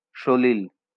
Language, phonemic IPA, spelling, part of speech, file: Bengali, /ʃolil/, সলিল, noun, LL-Q9610 (ben)-সলিল.wav
- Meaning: water